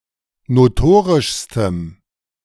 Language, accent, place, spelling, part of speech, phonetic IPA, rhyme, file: German, Germany, Berlin, notorischstem, adjective, [noˈtoːʁɪʃstəm], -oːʁɪʃstəm, De-notorischstem.ogg
- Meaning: strong dative masculine/neuter singular superlative degree of notorisch